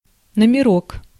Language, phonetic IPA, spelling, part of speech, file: Russian, [nəmʲɪˈrok], номерок, noun, Ru-номерок.ogg
- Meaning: 1. diminutive of но́мер (nómer, “hotel room, license plate, etc.”) 2. ticket, check (especially one issued in a coat check)